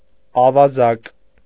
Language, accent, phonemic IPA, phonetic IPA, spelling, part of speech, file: Armenian, Eastern Armenian, /ɑvɑˈzɑk/, [ɑvɑzɑ́k], ավազակ, noun, Hy-ավազակ.ogg
- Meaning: robber, brigand, thug, bandit